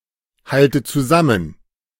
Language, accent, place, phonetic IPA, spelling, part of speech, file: German, Germany, Berlin, [ˌhaltə t͡suˈzamən], halte zusammen, verb, De-halte zusammen.ogg
- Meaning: inflection of zusammenhalten: 1. first-person singular present 2. first/third-person singular subjunctive I 3. singular imperative